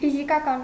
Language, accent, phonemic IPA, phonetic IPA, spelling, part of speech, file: Armenian, Eastern Armenian, /fizikɑˈkɑn/, [fizikɑkɑ́n], ֆիզիկական, adjective, Hy-ֆիզիկական.ogg
- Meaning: physical